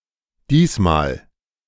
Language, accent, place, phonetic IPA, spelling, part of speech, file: German, Germany, Berlin, [ˈdiːsmaːl], diesmal, adverb, De-diesmal.ogg
- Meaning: this time